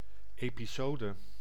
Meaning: 1. an episode (instalment) 2. an episode (action, time period or sequence of events)
- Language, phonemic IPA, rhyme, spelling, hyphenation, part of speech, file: Dutch, /ˌeː.piˈsoː.də/, -oːdə, episode, epi‧so‧de, noun, Nl-episode.ogg